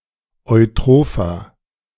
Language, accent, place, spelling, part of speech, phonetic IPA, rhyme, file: German, Germany, Berlin, eutropher, adjective, [ɔɪ̯ˈtʁoːfɐ], -oːfɐ, De-eutropher.ogg
- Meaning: 1. comparative degree of eutroph 2. inflection of eutroph: strong/mixed nominative masculine singular 3. inflection of eutroph: strong genitive/dative feminine singular